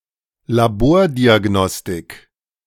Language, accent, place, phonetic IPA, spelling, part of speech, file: German, Germany, Berlin, [laˈboːɐ̯diaˌɡnɔstɪk], Labordiagnostik, noun, De-Labordiagnostik.ogg
- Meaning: laboratory testing / diagnostics